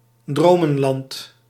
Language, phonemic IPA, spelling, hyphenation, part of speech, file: Dutch, /ˈdroː.mə(n)ˌlɑnt/, dromenland, dro‧men‧land, noun, Nl-dromenland.ogg
- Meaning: dreamland (imaginary world experienced while dreaming)